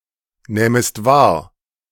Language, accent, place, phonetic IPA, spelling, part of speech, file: German, Germany, Berlin, [ˌnɛːməst ˈvaːɐ̯], nähmest wahr, verb, De-nähmest wahr.ogg
- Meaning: second-person singular subjunctive II of wahrnehmen